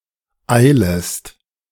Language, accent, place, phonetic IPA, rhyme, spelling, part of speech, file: German, Germany, Berlin, [ˈaɪ̯ləst], -aɪ̯ləst, eilest, verb, De-eilest.ogg
- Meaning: second-person singular subjunctive I of eilen